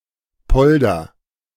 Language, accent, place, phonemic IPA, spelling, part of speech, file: German, Germany, Berlin, /ˈpɔldɐ/, Polder, noun, De-Polder.ogg
- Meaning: polder (land reclaimed from the sea by means of dikes)